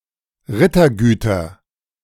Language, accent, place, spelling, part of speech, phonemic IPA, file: German, Germany, Berlin, Rittergüter, noun, /ˈʁɪtɐˌɡyːtɐ/, De-Rittergüter.ogg
- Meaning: nominative/accusative/genitive plural of Rittergut